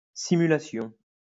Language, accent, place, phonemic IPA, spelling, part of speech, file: French, France, Lyon, /si.my.la.sjɔ̃/, simulation, noun, LL-Q150 (fra)-simulation.wav
- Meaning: simulation